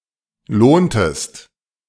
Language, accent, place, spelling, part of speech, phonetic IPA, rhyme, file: German, Germany, Berlin, lohntest, verb, [ˈloːntəst], -oːntəst, De-lohntest.ogg
- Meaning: inflection of lohnen: 1. second-person singular preterite 2. second-person singular subjunctive II